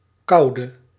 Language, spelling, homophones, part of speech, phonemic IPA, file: Dutch, kauwde, koude, verb, /ˈkɑu̯də/, Nl-kauwde.ogg
- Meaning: inflection of kauwen: 1. singular past indicative 2. singular past subjunctive